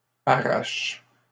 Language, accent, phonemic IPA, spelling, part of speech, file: French, Canada, /a.ʁaʃ/, arraches, verb, LL-Q150 (fra)-arraches.wav
- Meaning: second-person singular present indicative/subjunctive of arracher